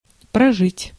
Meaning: 1. to live, to outlast 2. to reside (for some time) 3. to spend, to run through
- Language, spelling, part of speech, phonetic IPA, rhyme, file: Russian, прожить, verb, [prɐˈʐɨtʲ], -ɨtʲ, Ru-прожить.ogg